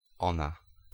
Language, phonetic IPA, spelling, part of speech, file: Polish, [ˈɔ̃na], ona, pronoun, Pl-ona.ogg